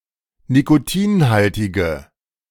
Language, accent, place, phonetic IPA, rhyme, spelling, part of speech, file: German, Germany, Berlin, [nikoˈtiːnˌhaltɪɡə], -iːnhaltɪɡə, nikotinhaltige, adjective, De-nikotinhaltige.ogg
- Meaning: inflection of nikotinhaltig: 1. strong/mixed nominative/accusative feminine singular 2. strong nominative/accusative plural 3. weak nominative all-gender singular